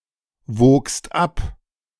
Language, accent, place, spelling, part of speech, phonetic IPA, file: German, Germany, Berlin, wogst ab, verb, [ˌvoːkst ˈap], De-wogst ab.ogg
- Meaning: second-person singular preterite of abwiegen